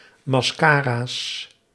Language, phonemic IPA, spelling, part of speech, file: Dutch, /mɑsˈkaras/, mascara's, noun, Nl-mascara's.ogg
- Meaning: plural of mascara